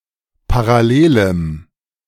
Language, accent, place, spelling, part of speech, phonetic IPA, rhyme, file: German, Germany, Berlin, parallelem, adjective, [paʁaˈleːləm], -eːləm, De-parallelem.ogg
- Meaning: strong dative masculine/neuter singular of parallel